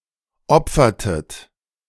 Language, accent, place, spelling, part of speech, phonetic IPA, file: German, Germany, Berlin, opfertet, verb, [ˈɔp͡fɐtət], De-opfertet.ogg
- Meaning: inflection of opfern: 1. second-person plural preterite 2. second-person plural subjunctive II